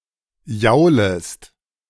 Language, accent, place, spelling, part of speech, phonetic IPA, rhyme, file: German, Germany, Berlin, jaulest, verb, [ˈjaʊ̯ləst], -aʊ̯ləst, De-jaulest.ogg
- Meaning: second-person singular subjunctive I of jaulen